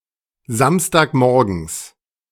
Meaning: genitive of Samstagmorgen
- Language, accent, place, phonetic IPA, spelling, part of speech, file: German, Germany, Berlin, [ˈzamstaːkˌmɔʁɡn̩s], Samstagmorgens, noun, De-Samstagmorgens.ogg